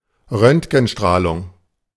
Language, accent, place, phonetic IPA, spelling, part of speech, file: German, Germany, Berlin, [ˈʁœntɡn̩ˌʃtʁaːlʊŋ], Röntgenstrahlung, noun, De-Röntgenstrahlung.ogg
- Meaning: X-ray (form of radiation)